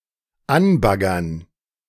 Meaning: to flirt with, hit on
- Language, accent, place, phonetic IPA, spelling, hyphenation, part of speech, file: German, Germany, Berlin, [ˈanˌbaɡɐn], anbaggern, an‧bag‧gern, verb, De-anbaggern.ogg